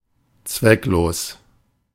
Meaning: useless, futile
- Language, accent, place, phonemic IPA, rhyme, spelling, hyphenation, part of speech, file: German, Germany, Berlin, /ˈtsvɛkˌloːs/, -oːs, zwecklos, zweck‧los, adjective, De-zwecklos.ogg